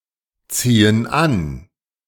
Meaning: inflection of anziehen: 1. first/third-person plural present 2. first/third-person plural subjunctive I
- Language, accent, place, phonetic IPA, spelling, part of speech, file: German, Germany, Berlin, [ˌt͡siːən ˈan], ziehen an, verb, De-ziehen an.ogg